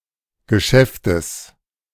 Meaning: genitive singular of Geschäft
- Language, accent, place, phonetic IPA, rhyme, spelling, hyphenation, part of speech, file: German, Germany, Berlin, [ɡəˈʃɛftəs], -ɛftəs, Geschäftes, Ge‧schäf‧tes, noun, De-Geschäftes.ogg